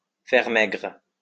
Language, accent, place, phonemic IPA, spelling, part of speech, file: French, France, Lyon, /fɛʁ mɛɡʁ/, faire maigre, verb, LL-Q150 (fra)-faire maigre.wav
- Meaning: to practice abstinence (to temporarily abstain from certain types of food, especially meat and fatty foodstuffs, on certain days or at certain periods for religious reasons)